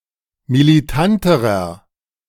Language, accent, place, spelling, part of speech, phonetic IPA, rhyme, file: German, Germany, Berlin, militanterer, adjective, [miliˈtantəʁɐ], -antəʁɐ, De-militanterer.ogg
- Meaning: inflection of militant: 1. strong/mixed nominative masculine singular comparative degree 2. strong genitive/dative feminine singular comparative degree 3. strong genitive plural comparative degree